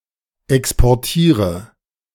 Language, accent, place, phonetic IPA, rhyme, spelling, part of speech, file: German, Germany, Berlin, [ɛkspɔʁˈtiːʁə], -iːʁə, exportiere, verb, De-exportiere.ogg
- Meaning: inflection of exportieren: 1. first-person singular present 2. singular imperative 3. first/third-person singular subjunctive I